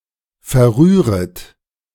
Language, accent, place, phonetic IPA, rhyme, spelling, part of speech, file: German, Germany, Berlin, [fɛɐ̯ˈʁyːʁət], -yːʁət, verrühret, verb, De-verrühret.ogg
- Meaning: second-person plural subjunctive I of verrühren